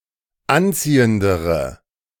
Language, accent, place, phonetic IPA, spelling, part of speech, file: German, Germany, Berlin, [ˈanˌt͡siːəndəʁə], anziehendere, adjective, De-anziehendere.ogg
- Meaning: inflection of anziehend: 1. strong/mixed nominative/accusative feminine singular comparative degree 2. strong nominative/accusative plural comparative degree